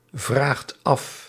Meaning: inflection of afvragen: 1. second/third-person singular present indicative 2. plural imperative
- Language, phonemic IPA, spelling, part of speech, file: Dutch, /ˈvraxt ˈɑf/, vraagt af, verb, Nl-vraagt af.ogg